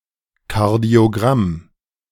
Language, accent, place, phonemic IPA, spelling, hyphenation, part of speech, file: German, Germany, Berlin, /ˌkaʁdi̯oˌɡʁam/, Kardiogramm, Kar‧dio‧gramm, noun, De-Kardiogramm.ogg
- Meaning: cardiogram